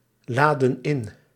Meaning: inflection of inladen: 1. plural past indicative 2. plural past subjunctive
- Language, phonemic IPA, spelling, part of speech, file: Dutch, /ˈladə(n) ˈɪn/, laadden in, verb, Nl-laadden in.ogg